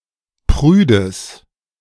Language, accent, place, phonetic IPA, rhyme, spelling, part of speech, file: German, Germany, Berlin, [ˈpʁyːdəs], -yːdəs, prüdes, adjective, De-prüdes.ogg
- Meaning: strong/mixed nominative/accusative neuter singular of prüde